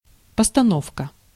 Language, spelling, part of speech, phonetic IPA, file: Russian, постановка, noun, [pəstɐˈnofkə], Ru-постановка.ogg
- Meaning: 1. staging, production 2. performance, play 3. raising, erection 4. organization, arrangement, setting 5. fitting, placement, insertion